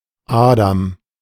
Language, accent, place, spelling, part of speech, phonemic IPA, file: German, Germany, Berlin, Adam, proper noun, /ˈaːdam/, De-Adam.ogg
- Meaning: 1. Adam 2. a male given name; variant form Adi